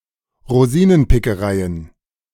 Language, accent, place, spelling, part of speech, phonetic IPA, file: German, Germany, Berlin, Rosinenpickereien, noun, [ʁoˈziːnənpɪkəˌʁaɪ̯ən], De-Rosinenpickereien.ogg
- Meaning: plural of Rosinenpickerei